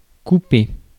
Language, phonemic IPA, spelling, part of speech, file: French, /ku.pe/, couper, verb, Fr-couper.ogg
- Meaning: 1. to cut, cut up; to chop, to sever 2. to cut, to clip, to trim 3. to cut off, to keep out, to bar 4. to take away 5. to stop, prevent 6. to dilute, mix 7. to traverse